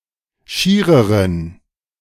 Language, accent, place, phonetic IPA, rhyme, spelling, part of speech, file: German, Germany, Berlin, [ˈʃiːʁəʁən], -iːʁəʁən, schiereren, adjective, De-schiereren.ogg
- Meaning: inflection of schier: 1. strong genitive masculine/neuter singular comparative degree 2. weak/mixed genitive/dative all-gender singular comparative degree